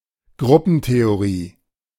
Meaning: group theory (the mathematical theory of groups)
- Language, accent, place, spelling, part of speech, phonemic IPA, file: German, Germany, Berlin, Gruppentheorie, noun, /ˈɡʁʊpənteoˌʁiː/, De-Gruppentheorie.ogg